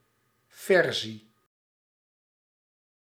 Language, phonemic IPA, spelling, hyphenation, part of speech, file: Dutch, /ˈvɛr.zi/, versie, ver‧sie, noun, Nl-versie.ogg
- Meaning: version